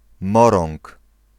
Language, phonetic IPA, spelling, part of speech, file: Polish, [ˈmɔrɔ̃ŋk], Morąg, proper noun, Pl-Morąg.ogg